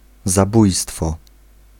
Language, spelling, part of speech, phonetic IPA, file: Polish, zabójstwo, noun, [zaˈbujstfɔ], Pl-zabójstwo.ogg